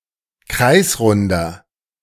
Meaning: inflection of kreisrund: 1. strong/mixed nominative masculine singular 2. strong genitive/dative feminine singular 3. strong genitive plural
- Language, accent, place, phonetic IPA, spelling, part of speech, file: German, Germany, Berlin, [ˈkʁaɪ̯sˌʁʊndɐ], kreisrunder, adjective, De-kreisrunder.ogg